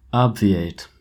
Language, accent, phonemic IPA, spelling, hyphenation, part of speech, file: English, US, /ˈab.viˌeɪt/, obviate, ob‧vi‧ate, verb, En-us-obviate.oga
- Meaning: 1. To anticipate and prevent or bypass (something which would otherwise have been necessary or required); to render (something) unnecessary 2. To avoid (a future problem or difficult situation)